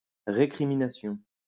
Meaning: 1. recrimination 2. bitter criticism
- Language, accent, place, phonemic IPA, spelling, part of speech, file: French, France, Lyon, /ʁe.kʁi.mi.na.sjɔ̃/, récrimination, noun, LL-Q150 (fra)-récrimination.wav